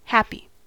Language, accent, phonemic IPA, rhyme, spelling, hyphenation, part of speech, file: English, General American, /ˈhæpi/, -æpi, happy, hap‧py, adjective / noun / verb, En-us-happy.ogg
- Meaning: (adjective) Having a feeling arising from a consciousness of well-being or of enjoyment; enjoying good of any kind, such as comfort, peace, or tranquillity; blissful, contented, joyous